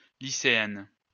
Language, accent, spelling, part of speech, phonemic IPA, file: French, France, lycéenne, noun, /li.se.ɛn/, LL-Q150 (fra)-lycéenne.wav
- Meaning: female equivalent of lycéen